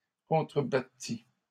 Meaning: third-person singular imperfect subjunctive of contrebattre
- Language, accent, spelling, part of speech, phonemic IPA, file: French, Canada, contrebattît, verb, /kɔ̃.tʁə.ba.ti/, LL-Q150 (fra)-contrebattît.wav